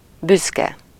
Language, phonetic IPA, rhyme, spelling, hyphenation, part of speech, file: Hungarian, [ˈbyskɛ], -kɛ, büszke, büsz‧ke, adjective / noun, Hu-büszke.ogg
- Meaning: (adjective) proud (feeling happy or satisfied about an event or fact; of someone or something: -ra/-re); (noun) synonym of egres (“gooseberry”)